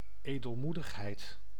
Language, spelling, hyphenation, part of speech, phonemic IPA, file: Dutch, edelmoedigheid, edel‧moe‧dig‧heid, noun, /ˌeː.dəlˈmu.dəx.ɦɛi̯t/, Nl-edelmoedigheid.ogg
- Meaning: magnanimity